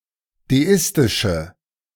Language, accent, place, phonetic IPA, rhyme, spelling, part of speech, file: German, Germany, Berlin, [deˈɪstɪʃə], -ɪstɪʃə, deistische, adjective, De-deistische.ogg
- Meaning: inflection of deistisch: 1. strong/mixed nominative/accusative feminine singular 2. strong nominative/accusative plural 3. weak nominative all-gender singular